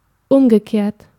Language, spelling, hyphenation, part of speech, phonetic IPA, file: German, umgekehrt, um‧ge‧kehrt, verb / adjective / adverb, [ˈʊmɡəˌkeːɐ̯t], De-umgekehrt.ogg
- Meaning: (verb) past participle of umkehren; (adjective) reverse; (adverb) the other way round, the other way around